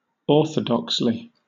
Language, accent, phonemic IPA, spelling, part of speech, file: English, Southern England, /ˈɔːθədɒksli/, orthodoxly, adverb, LL-Q1860 (eng)-orthodoxly.wav
- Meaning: 1. In a correct or proper way; conventionally; correctly 2. In a religiously orthodox way; in accordance with accepted religious doctrine